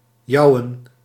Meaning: alternative form of jijen
- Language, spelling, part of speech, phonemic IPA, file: Dutch, jouen, verb, /ˈjɑuwə(n)/, Nl-jouen.ogg